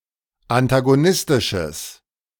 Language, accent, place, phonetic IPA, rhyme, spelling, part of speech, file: German, Germany, Berlin, [antaɡoˈnɪstɪʃəs], -ɪstɪʃəs, antagonistisches, adjective, De-antagonistisches.ogg
- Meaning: strong/mixed nominative/accusative neuter singular of antagonistisch